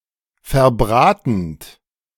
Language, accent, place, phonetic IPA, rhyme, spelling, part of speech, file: German, Germany, Berlin, [fɛɐ̯ˈbʁaːtn̩t], -aːtn̩t, verbratend, verb, De-verbratend.ogg
- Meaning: present participle of verbraten